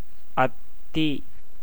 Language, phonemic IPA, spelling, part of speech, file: Tamil, /ɐt̪ːiː/, அத்தி, noun, Ta-அத்தி.ogg
- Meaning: fig